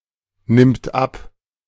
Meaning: third-person singular present of abnehmen
- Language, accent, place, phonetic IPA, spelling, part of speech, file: German, Germany, Berlin, [ˌnɪmt ˈap], nimmt ab, verb, De-nimmt ab.ogg